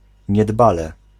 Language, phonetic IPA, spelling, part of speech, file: Polish, [ɲɛˈdbalɛ], niedbale, adverb, Pl-niedbale.ogg